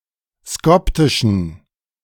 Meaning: inflection of skoptisch: 1. strong genitive masculine/neuter singular 2. weak/mixed genitive/dative all-gender singular 3. strong/weak/mixed accusative masculine singular 4. strong dative plural
- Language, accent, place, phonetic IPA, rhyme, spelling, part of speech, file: German, Germany, Berlin, [ˈskɔptɪʃn̩], -ɔptɪʃn̩, skoptischen, adjective, De-skoptischen.ogg